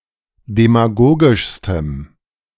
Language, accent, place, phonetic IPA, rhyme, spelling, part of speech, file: German, Germany, Berlin, [demaˈɡoːɡɪʃstəm], -oːɡɪʃstəm, demagogischstem, adjective, De-demagogischstem.ogg
- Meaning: strong dative masculine/neuter singular superlative degree of demagogisch